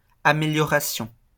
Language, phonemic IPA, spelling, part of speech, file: French, /a.me.ljɔ.ʁa.sjɔ̃/, amélioration, noun, LL-Q150 (fra)-amélioration.wav
- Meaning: improvement